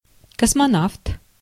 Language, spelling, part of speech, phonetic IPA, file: Russian, космонавт, noun, [kəsmɐˈnaft], Ru-космонавт.ogg
- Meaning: 1. cosmonaut (the Russian or Soviet equivalent of an astronaut) 2. a law enforcement officer in protective uniforms without identification marks